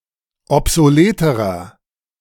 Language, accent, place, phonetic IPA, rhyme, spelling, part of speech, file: German, Germany, Berlin, [ɔpzoˈleːtəʁɐ], -eːtəʁɐ, obsoleterer, adjective, De-obsoleterer.ogg
- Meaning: inflection of obsolet: 1. strong/mixed nominative masculine singular comparative degree 2. strong genitive/dative feminine singular comparative degree 3. strong genitive plural comparative degree